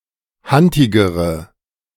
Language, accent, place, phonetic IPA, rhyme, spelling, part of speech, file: German, Germany, Berlin, [ˈhantɪɡəʁə], -antɪɡəʁə, hantigere, adjective, De-hantigere.ogg
- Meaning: inflection of hantig: 1. strong/mixed nominative/accusative feminine singular comparative degree 2. strong nominative/accusative plural comparative degree